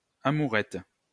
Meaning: fling, petty love affair, amourette
- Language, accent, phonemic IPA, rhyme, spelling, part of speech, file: French, France, /a.mu.ʁɛt/, -ɛt, amourette, noun, LL-Q150 (fra)-amourette.wav